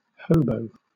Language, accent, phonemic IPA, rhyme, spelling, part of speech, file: English, Southern England, /ˈhəʊ.bəʊ/, -əʊbəʊ, hobo, noun / verb, LL-Q1860 (eng)-hobo.wav
- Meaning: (noun) 1. A wandering homeless person, especially (historical) one illegally travelling by rail or (derogatory) a penniless, unemployed bum 2. Any migratory laborer, whether homeless or not